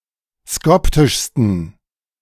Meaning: 1. superlative degree of skoptisch 2. inflection of skoptisch: strong genitive masculine/neuter singular superlative degree
- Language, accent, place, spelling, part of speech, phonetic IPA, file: German, Germany, Berlin, skoptischsten, adjective, [ˈskɔptɪʃstn̩], De-skoptischsten.ogg